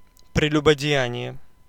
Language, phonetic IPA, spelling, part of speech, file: Russian, [prʲɪlʲʊbədʲɪˈjænʲɪje], прелюбодеяние, noun, Ru-прелюбодеяние.ogg
- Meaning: adultery (sexual intercourse by a married person with someone other than their spouse)